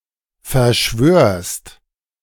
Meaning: second-person singular present of verschwören
- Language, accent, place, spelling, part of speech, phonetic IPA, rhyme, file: German, Germany, Berlin, verschwörst, verb, [fɛɐ̯ˈʃvøːɐ̯st], -øːɐ̯st, De-verschwörst.ogg